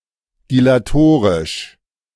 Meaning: dilatory
- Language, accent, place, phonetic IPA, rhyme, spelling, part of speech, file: German, Germany, Berlin, [dilaˈtoːʁɪʃ], -oːʁɪʃ, dilatorisch, adjective, De-dilatorisch.ogg